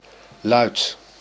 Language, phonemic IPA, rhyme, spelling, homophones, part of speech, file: Dutch, /lœy̯t/, -œy̯t, luid, luidt / luit, adjective / noun / verb, Nl-luid.ogg
- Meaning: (adjective) loud; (noun) 1. sound 2. assertion; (verb) inflection of luiden: 1. first-person singular present indicative 2. second-person singular present indicative 3. imperative